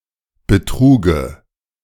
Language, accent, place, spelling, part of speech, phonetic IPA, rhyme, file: German, Germany, Berlin, Betruge, noun, [bəˈtʁuːɡə], -uːɡə, De-Betruge.ogg
- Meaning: dative singular of Betrug